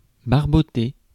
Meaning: 1. to splash 2. to nick, to pinch (to steal)
- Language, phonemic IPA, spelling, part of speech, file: French, /baʁ.bɔ.te/, barboter, verb, Fr-barboter.ogg